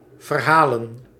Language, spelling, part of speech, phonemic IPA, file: Dutch, verhalen, verb / noun, /vərˈhalə(n)/, Nl-verhalen.ogg
- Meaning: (verb) 1. to narrate 2. to make someone pay the costs for something; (noun) plural of verhaal